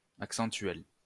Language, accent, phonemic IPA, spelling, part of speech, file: French, France, /ak.sɑ̃.tɥɛl/, accentuel, adjective, LL-Q150 (fra)-accentuel.wav
- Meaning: accentual